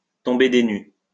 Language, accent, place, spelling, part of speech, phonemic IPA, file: French, France, Lyon, tomber des nues, verb, /tɔ̃.be de ny/, LL-Q150 (fra)-tomber des nues.wav
- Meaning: to be flabbergasted